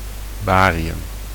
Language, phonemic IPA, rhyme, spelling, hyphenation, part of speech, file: Dutch, /ˈbaː.ri.ʏm/, -aːriʏm, barium, ba‧ri‧um, noun, Nl-barium.ogg
- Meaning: barium